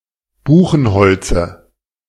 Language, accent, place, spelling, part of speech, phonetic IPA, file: German, Germany, Berlin, Buchenholze, noun, [ˈbuːxn̩ˌhɔlt͡sə], De-Buchenholze.ogg
- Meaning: dative singular of Buchenholz